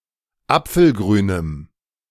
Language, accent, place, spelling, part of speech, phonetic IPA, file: German, Germany, Berlin, apfelgrünem, adjective, [ˈap͡fl̩ˌɡʁyːnəm], De-apfelgrünem.ogg
- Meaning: strong dative masculine/neuter singular of apfelgrün